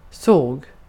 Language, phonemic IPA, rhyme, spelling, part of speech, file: Swedish, /soːɡ/, -oːɡ, såg, noun / verb, Sv-såg.ogg
- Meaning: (noun) 1. a saw (tool with a toothed blade used for cutting hard substances, in particular wood or metal) 2. a sawmill; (verb) past indicative of se